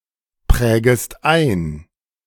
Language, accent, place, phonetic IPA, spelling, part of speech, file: German, Germany, Berlin, [ˌpʁɛːɡəst ˈaɪ̯n], prägest ein, verb, De-prägest ein.ogg
- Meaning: second-person singular subjunctive I of einprägen